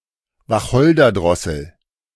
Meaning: fieldfare (Turdus pilaris)
- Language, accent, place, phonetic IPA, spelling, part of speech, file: German, Germany, Berlin, [vaˈxɔldɐˌdʁɔsl̩], Wacholderdrossel, noun, De-Wacholderdrossel.ogg